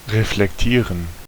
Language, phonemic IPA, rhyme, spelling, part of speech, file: German, /ʁeflɛkˈtiːʁən/, -iːʁən, reflektieren, verb, De-reflektieren.ogg
- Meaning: 1. to reflect 2. to reflect on, to ponder